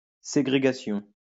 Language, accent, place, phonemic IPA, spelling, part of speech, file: French, France, Lyon, /se.ɡʁe.ɡa.sjɔ̃/, ségrégation, noun, LL-Q150 (fra)-ségrégation.wav
- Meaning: segregation